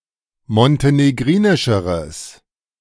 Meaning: strong/mixed nominative/accusative neuter singular comparative degree of montenegrinisch
- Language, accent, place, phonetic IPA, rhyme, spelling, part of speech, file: German, Germany, Berlin, [mɔnteneˈɡʁiːnɪʃəʁəs], -iːnɪʃəʁəs, montenegrinischeres, adjective, De-montenegrinischeres.ogg